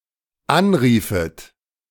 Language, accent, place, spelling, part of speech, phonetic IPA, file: German, Germany, Berlin, anriefet, verb, [ˈanˌʁiːfət], De-anriefet.ogg
- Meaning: second-person plural dependent subjunctive II of anrufen